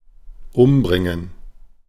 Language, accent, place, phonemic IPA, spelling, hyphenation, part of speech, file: German, Germany, Berlin, /ˈʔʊmˌbʁɪŋən/, umbringen, um‧brin‧gen, verb, De-umbringen.ogg
- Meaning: 1. to kill, to murder, to do away with 2. to commit suicide